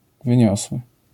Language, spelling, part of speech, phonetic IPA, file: Polish, wyniosły, adjective, [vɨ̃ˈɲɔswɨ], LL-Q809 (pol)-wyniosły.wav